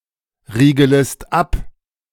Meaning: second-person singular subjunctive I of abriegeln
- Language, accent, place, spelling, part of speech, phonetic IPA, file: German, Germany, Berlin, riegelest ab, verb, [ˌʁiːɡələst ˈap], De-riegelest ab.ogg